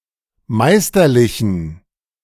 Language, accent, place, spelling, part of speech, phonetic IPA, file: German, Germany, Berlin, meisterlichen, adjective, [ˈmaɪ̯stɐˌlɪçn̩], De-meisterlichen.ogg
- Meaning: inflection of meisterlich: 1. strong genitive masculine/neuter singular 2. weak/mixed genitive/dative all-gender singular 3. strong/weak/mixed accusative masculine singular 4. strong dative plural